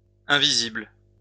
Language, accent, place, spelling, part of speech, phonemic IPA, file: French, France, Lyon, invisibles, adjective, /ɛ̃.vi.zibl/, LL-Q150 (fra)-invisibles.wav
- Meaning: plural of invisible